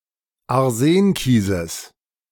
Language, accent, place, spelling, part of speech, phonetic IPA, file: German, Germany, Berlin, Arsenkieses, noun, [aʁˈzeːnˌkiːzəs], De-Arsenkieses.ogg
- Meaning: genitive singular of Arsenkies